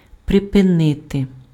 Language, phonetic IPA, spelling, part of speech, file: Ukrainian, [prepeˈnɪte], припинити, verb, Uk-припинити.ogg
- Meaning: to stop, to cease, to discontinue, to break off (interrupt the continuance of)